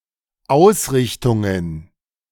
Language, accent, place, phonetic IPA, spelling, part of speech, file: German, Germany, Berlin, [ˈaʊ̯sˌʁɪçtʊŋən], Ausrichtungen, noun, De-Ausrichtungen.ogg
- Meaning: plural of Ausrichtung